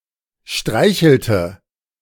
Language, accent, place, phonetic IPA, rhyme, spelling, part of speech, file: German, Germany, Berlin, [ˈʃtʁaɪ̯çl̩tə], -aɪ̯çl̩tə, streichelte, verb, De-streichelte.ogg
- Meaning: inflection of streicheln: 1. first/third-person singular preterite 2. first/third-person singular subjunctive II